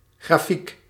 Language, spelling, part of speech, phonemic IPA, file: Dutch, grafiek, noun, /ɣraˈfik/, Nl-grafiek.ogg
- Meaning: 1. graph, diagram 2. graphic design industry